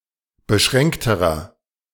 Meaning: inflection of beschränkt: 1. strong/mixed nominative masculine singular comparative degree 2. strong genitive/dative feminine singular comparative degree 3. strong genitive plural comparative degree
- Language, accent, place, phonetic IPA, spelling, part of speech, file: German, Germany, Berlin, [bəˈʃʁɛŋktəʁɐ], beschränkterer, adjective, De-beschränkterer.ogg